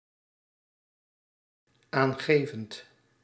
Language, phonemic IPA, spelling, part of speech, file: Dutch, /ˈaŋɣeˌvənt/, aangevend, verb, Nl-aangevend.ogg
- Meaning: present participle of aangeven